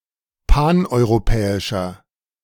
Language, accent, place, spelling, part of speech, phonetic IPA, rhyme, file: German, Germany, Berlin, paneuropäischer, adjective, [ˌpanʔɔɪ̯ʁoˈpɛːɪʃɐ], -ɛːɪʃɐ, De-paneuropäischer.ogg
- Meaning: inflection of paneuropäisch: 1. strong/mixed nominative masculine singular 2. strong genitive/dative feminine singular 3. strong genitive plural